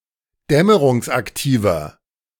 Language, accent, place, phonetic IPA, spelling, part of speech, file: German, Germany, Berlin, [ˈdɛməʁʊŋsʔakˌtiːvɐ], dämmerungsaktiver, adjective, De-dämmerungsaktiver.ogg
- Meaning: inflection of dämmerungsaktiv: 1. strong/mixed nominative masculine singular 2. strong genitive/dative feminine singular 3. strong genitive plural